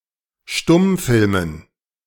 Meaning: dative plural of Stummfilm
- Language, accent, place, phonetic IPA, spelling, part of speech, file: German, Germany, Berlin, [ˈʃtʊmˌfɪlmən], Stummfilmen, noun, De-Stummfilmen.ogg